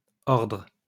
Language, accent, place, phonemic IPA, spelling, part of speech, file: French, France, Lyon, /ɔʁdʁ/, ordres, noun, LL-Q150 (fra)-ordres.wav
- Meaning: plural of ordre